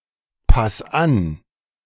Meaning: singular imperative of anpassen
- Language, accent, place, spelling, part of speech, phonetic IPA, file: German, Germany, Berlin, pass an, verb, [ˌpas ˈan], De-pass an.ogg